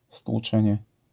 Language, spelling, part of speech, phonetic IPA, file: Polish, stłuczenie, noun, [stwuˈt͡ʃɛ̃ɲɛ], LL-Q809 (pol)-stłuczenie.wav